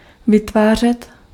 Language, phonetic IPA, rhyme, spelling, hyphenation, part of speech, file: Czech, [ˈvɪtvaːr̝ɛt], -aːr̝ɛt, vytvářet, vy‧tvá‧řet, verb, Cs-vytvářet.ogg
- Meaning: to create, generate